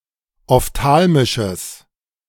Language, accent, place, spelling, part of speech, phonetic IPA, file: German, Germany, Berlin, ophthalmisches, adjective, [ɔfˈtaːlmɪʃəs], De-ophthalmisches.ogg
- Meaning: strong/mixed nominative/accusative neuter singular of ophthalmisch